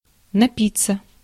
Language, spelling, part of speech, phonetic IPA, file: Russian, напиться, verb, [nɐˈpʲit͡sːə], Ru-напиться.ogg
- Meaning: 1. to quench thirst 2. to get drunk